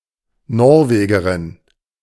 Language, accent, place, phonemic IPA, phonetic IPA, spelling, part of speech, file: German, Germany, Berlin, /ˈnɔʁveːɡəʁɪn/, [ˈnɔʁveːɡɐʁɪn], Norwegerin, noun, De-Norwegerin.ogg
- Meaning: Norwegian (female) (native or inhabitant of Norway)